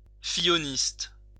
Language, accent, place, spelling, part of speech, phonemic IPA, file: French, France, Lyon, fillonniste, adjective, /fi.jɔ.nist/, LL-Q150 (fra)-fillonniste.wav
- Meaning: of François Fillon